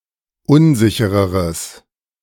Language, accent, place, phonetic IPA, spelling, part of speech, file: German, Germany, Berlin, [ˈʊnˌzɪçəʁəʁəs], unsichereres, adjective, De-unsichereres.ogg
- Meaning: strong/mixed nominative/accusative neuter singular comparative degree of unsicher